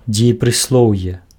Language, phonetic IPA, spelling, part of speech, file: Belarusian, [d͡zʲejeprɨsˈɫou̯je], дзеепрыслоўе, noun, Be-дзеепрыслоўе.ogg
- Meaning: adverbial participle, gerund, verbal adverb